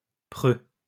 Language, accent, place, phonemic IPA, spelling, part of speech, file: French, France, Lyon, /pʁø/, preux, adjective, LL-Q150 (fra)-preux.wav
- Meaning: valiant; brave; doughty